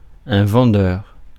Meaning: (adjective) sellable; able to sell a lot; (noun) 1. salesman 2. seller, vendor
- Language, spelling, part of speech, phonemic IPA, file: French, vendeur, adjective / noun, /vɑ̃.dœʁ/, Fr-vendeur.ogg